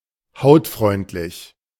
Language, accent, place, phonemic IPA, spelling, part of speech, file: German, Germany, Berlin, /ˈhaʊ̯tˌfʁɔɪ̯ntlɪç/, hautfreundlich, adjective, De-hautfreundlich.ogg
- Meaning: skin-friendly (does not harm the skin)